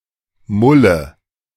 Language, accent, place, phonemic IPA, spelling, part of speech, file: German, Germany, Berlin, /ˈmʊlə/, Mulle, noun, De-Mulle.ogg
- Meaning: 1. alternative form of Molle (“pepper tree”) 2. woman, broad, femoid 3. nominative/accusative/genitive plural of Mull 4. dative singular of Mull